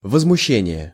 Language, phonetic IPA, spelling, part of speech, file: Russian, [vəzmʊˈɕːenʲɪje], возмущение, noun, Ru-возмущение.ogg
- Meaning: 1. outrage 2. indignation, resentment (anger or displeasure felt out of belief that others have engaged in wrongdoing or mistreatment) 3. disturbance